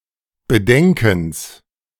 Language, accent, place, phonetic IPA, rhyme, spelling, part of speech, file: German, Germany, Berlin, [bəˈdɛŋkn̩s], -ɛŋkn̩s, Bedenkens, noun, De-Bedenkens.ogg
- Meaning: genitive singular of Bedenken